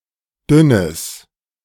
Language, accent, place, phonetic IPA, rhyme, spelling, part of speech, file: German, Germany, Berlin, [ˈdʏnəs], -ʏnəs, dünnes, adjective, De-dünnes.ogg
- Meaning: strong/mixed nominative/accusative neuter singular of dünn